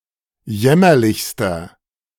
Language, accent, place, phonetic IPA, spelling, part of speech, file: German, Germany, Berlin, [ˈjɛmɐlɪçstɐ], jämmerlichster, adjective, De-jämmerlichster.ogg
- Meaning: inflection of jämmerlich: 1. strong/mixed nominative masculine singular superlative degree 2. strong genitive/dative feminine singular superlative degree 3. strong genitive plural superlative degree